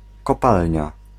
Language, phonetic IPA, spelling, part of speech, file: Polish, [kɔˈpalʲɲa], kopalnia, noun, Pl-kopalnia.ogg